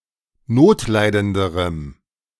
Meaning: strong dative masculine/neuter singular comparative degree of notleidend
- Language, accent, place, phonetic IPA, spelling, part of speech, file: German, Germany, Berlin, [ˈnoːtˌlaɪ̯dəndəʁəm], notleidenderem, adjective, De-notleidenderem.ogg